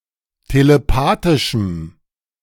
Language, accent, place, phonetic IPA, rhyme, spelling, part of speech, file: German, Germany, Berlin, [teleˈpaːtɪʃm̩], -aːtɪʃm̩, telepathischem, adjective, De-telepathischem.ogg
- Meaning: strong dative masculine/neuter singular of telepathisch